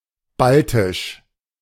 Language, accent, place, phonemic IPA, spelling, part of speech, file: German, Germany, Berlin, /ˈbaltɪʃ/, baltisch, adjective, De-baltisch.ogg
- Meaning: Baltic